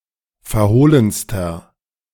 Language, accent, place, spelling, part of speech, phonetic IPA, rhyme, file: German, Germany, Berlin, verhohlenster, adjective, [fɛɐ̯ˈhoːlənstɐ], -oːlənstɐ, De-verhohlenster.ogg
- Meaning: inflection of verhohlen: 1. strong/mixed nominative masculine singular superlative degree 2. strong genitive/dative feminine singular superlative degree 3. strong genitive plural superlative degree